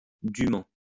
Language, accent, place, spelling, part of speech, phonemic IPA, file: French, France, Lyon, dûment, adverb, /dy.mɑ̃/, LL-Q150 (fra)-dûment.wav
- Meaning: 1. duly; as due 2. justly; legitimately